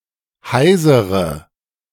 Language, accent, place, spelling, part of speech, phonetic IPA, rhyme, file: German, Germany, Berlin, heisere, adjective, [ˈhaɪ̯zəʁə], -aɪ̯zəʁə, De-heisere.ogg
- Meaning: inflection of heiser: 1. strong/mixed nominative/accusative feminine singular 2. strong nominative/accusative plural 3. weak nominative all-gender singular 4. weak accusative feminine/neuter singular